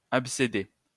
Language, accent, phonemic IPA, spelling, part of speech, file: French, France, /ap.se.de/, abcédé, verb, LL-Q150 (fra)-abcédé.wav
- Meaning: past participle of abcéder